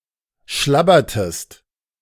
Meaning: inflection of schlabbern: 1. second-person singular preterite 2. second-person singular subjunctive II
- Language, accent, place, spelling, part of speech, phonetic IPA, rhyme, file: German, Germany, Berlin, schlabbertest, verb, [ˈʃlabɐtəst], -abɐtəst, De-schlabbertest.ogg